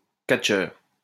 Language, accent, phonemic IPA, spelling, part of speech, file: French, France, /kat.ʃœʁ/, catcheur, noun, LL-Q150 (fra)-catcheur.wav
- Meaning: professional wrestler (fighter in simulated wrestling)